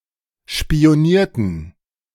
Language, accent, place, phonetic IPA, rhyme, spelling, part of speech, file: German, Germany, Berlin, [ʃpi̯oˈniːɐ̯tn̩], -iːɐ̯tn̩, spionierten, verb, De-spionierten.ogg
- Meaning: inflection of spionieren: 1. first/third-person plural preterite 2. first/third-person plural subjunctive II